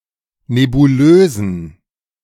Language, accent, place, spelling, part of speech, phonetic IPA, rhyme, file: German, Germany, Berlin, nebulösen, adjective, [nebuˈløːzn̩], -øːzn̩, De-nebulösen.ogg
- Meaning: inflection of nebulös: 1. strong genitive masculine/neuter singular 2. weak/mixed genitive/dative all-gender singular 3. strong/weak/mixed accusative masculine singular 4. strong dative plural